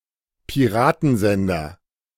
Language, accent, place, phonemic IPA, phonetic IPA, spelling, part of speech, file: German, Germany, Berlin, /piˈʁaːtənˌzɛndɐ/, [pʰiˈʁaːtn̩ˌzɛndɐ], Piratensender, noun, De-Piratensender.ogg
- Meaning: pirate radio station